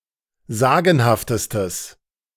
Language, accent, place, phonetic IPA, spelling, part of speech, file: German, Germany, Berlin, [ˈzaːɡn̩haftəstəs], sagenhaftestes, adjective, De-sagenhaftestes.ogg
- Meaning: strong/mixed nominative/accusative neuter singular superlative degree of sagenhaft